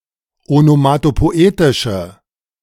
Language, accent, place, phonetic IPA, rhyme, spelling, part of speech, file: German, Germany, Berlin, [onomatopoˈʔeːtɪʃə], -eːtɪʃə, onomatopoetische, adjective, De-onomatopoetische.ogg
- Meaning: inflection of onomatopoetisch: 1. strong/mixed nominative/accusative feminine singular 2. strong nominative/accusative plural 3. weak nominative all-gender singular